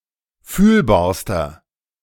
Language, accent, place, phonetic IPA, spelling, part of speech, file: German, Germany, Berlin, [ˈfyːlbaːɐ̯stɐ], fühlbarster, adjective, De-fühlbarster.ogg
- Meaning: inflection of fühlbar: 1. strong/mixed nominative masculine singular superlative degree 2. strong genitive/dative feminine singular superlative degree 3. strong genitive plural superlative degree